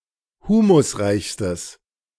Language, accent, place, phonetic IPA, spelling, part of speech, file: German, Germany, Berlin, [ˈhuːmʊsˌʁaɪ̯çstəs], humusreichstes, adjective, De-humusreichstes.ogg
- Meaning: strong/mixed nominative/accusative neuter singular superlative degree of humusreich